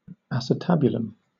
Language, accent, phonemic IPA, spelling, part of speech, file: English, Southern England, /ˌæs.ɪˈtæb.jʊl.əm/, acetabulum, noun, LL-Q1860 (eng)-acetabulum.wav
- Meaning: 1. The bony cup of the hip bone which receives the head of the femur 2. The cavity in which the leg of an insect is inserted at its articulation with the body